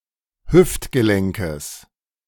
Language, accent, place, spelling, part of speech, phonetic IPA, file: German, Germany, Berlin, Hüftgelenkes, noun, [ˈhʏftɡəˌlɛŋkəs], De-Hüftgelenkes.ogg
- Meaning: genitive singular of Hüftgelenk